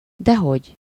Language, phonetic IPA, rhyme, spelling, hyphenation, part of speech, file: Hungarian, [ˈdɛɦoɟ], -oɟ, dehogy, de‧hogy, particle, Hu-dehogy.ogg
- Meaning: not at all, of course not